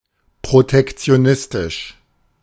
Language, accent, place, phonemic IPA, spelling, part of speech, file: German, Germany, Berlin, /pʁotɛkti̯oˈnɪstɪʃ/, protektionistisch, adjective, De-protektionistisch.ogg
- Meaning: protectionist